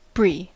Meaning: An originally French variety of soft cheese made from cow's milk
- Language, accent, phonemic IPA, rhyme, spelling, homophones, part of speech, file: English, US, /bɹiː/, -iː, brie, bree, noun, En-us-brie.ogg